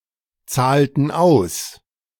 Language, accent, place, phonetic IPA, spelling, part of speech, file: German, Germany, Berlin, [ˌt͡saːltn̩ ˈaʊ̯s], zahlten aus, verb, De-zahlten aus.ogg
- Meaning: inflection of auszahlen: 1. first/third-person plural preterite 2. first/third-person plural subjunctive II